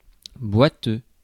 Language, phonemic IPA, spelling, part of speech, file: French, /bwa.tø/, boiteux, adjective / noun, Fr-boiteux.ogg
- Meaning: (adjective) 1. lame, limping 2. wobbly, shaky 3. embroidered on one side only 4. clumsy 5. unstable; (noun) cripple, lame person